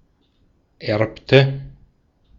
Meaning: inflection of erben: 1. first/third-person singular preterite 2. first/third-person singular subjunctive II
- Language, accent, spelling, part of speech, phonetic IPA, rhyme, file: German, Austria, erbte, verb, [ˈɛʁptə], -ɛʁptə, De-at-erbte.ogg